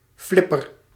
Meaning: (noun) 1. flipper, fin (swimming gear) 2. flipper (limb-like appendage of an aquatic animal)
- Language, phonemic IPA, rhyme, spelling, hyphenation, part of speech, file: Dutch, /ˈflɪ.pər/, -ɪpər, flipper, flip‧per, noun / verb, Nl-flipper.ogg